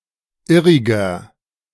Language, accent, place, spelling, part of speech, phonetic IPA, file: German, Germany, Berlin, irriger, adjective, [ˈɪʁɪɡɐ], De-irriger.ogg
- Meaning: 1. comparative degree of irrig 2. inflection of irrig: strong/mixed nominative masculine singular 3. inflection of irrig: strong genitive/dative feminine singular